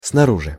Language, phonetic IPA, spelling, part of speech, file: Russian, [snɐˈruʐɨ], снаружи, adverb, Ru-снаружи.ogg
- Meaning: on the outside, from the outside, outwardly